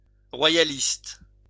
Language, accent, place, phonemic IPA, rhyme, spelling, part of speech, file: French, France, Lyon, /ʁwa.ja.list/, -ist, royaliste, noun / adjective, LL-Q150 (fra)-royaliste.wav
- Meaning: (noun) royalist